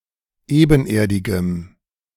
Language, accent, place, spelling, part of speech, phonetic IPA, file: German, Germany, Berlin, ebenerdigem, adjective, [ˈeːbn̩ˌʔeːɐ̯dɪɡəm], De-ebenerdigem.ogg
- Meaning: strong dative masculine/neuter singular of ebenerdig